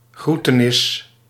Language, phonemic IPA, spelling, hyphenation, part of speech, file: Dutch, /ˈɣru.təˌnɪs/, groetenis, groe‧te‧nis, noun, Nl-groetenis.ogg
- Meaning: 1. the act of greeting 2. a greeting